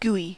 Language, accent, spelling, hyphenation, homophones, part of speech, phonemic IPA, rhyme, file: English, General American, gooey, goo‧ey, GUI, adjective / noun, /ˈɡui/, -uːi, En-us-gooey.ogg
- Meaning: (adjective) 1. Having the consistency of goo: soft or viscous, and sticky 2. Emotional or sentimental, especially to an excessive extent; mushy, soppy 3. Distasteful, unpleasant